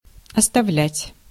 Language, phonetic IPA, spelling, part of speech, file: Russian, [ɐstɐˈvlʲætʲ], оставлять, verb, Ru-оставлять.ogg
- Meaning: 1. to leave, to leave alone 2. to abandon 3. to give up 4. to drop, to stop 5. to keep, to reserve